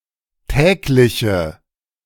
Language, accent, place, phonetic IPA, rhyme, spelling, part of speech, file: German, Germany, Berlin, [ˈtɛːklɪçə], -ɛːklɪçə, tägliche, adjective, De-tägliche.ogg
- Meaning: inflection of täglich: 1. strong/mixed nominative/accusative feminine singular 2. strong nominative/accusative plural 3. weak nominative all-gender singular 4. weak accusative feminine/neuter singular